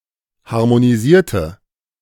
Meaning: inflection of harmonisieren: 1. first/third-person singular preterite 2. first/third-person singular subjunctive II
- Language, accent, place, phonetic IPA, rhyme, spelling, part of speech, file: German, Germany, Berlin, [haʁmoniˈziːɐ̯tə], -iːɐ̯tə, harmonisierte, adjective / verb, De-harmonisierte.ogg